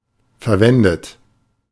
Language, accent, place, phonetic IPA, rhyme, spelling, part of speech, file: German, Germany, Berlin, [fɛɐ̯ˈvɛndət], -ɛndət, verwendet, adjective / verb, De-verwendet.ogg
- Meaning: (verb) past participle of verwenden; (adjective) used; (verb) inflection of verwenden: 1. third-person singular present 2. second-person plural present 3. second-person plural subjunctive I